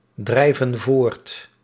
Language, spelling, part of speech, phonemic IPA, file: Dutch, drijven voort, verb, /ˈdrɛivə(n) ˈvort/, Nl-drijven voort.ogg
- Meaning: inflection of voortdrijven: 1. plural present indicative 2. plural present subjunctive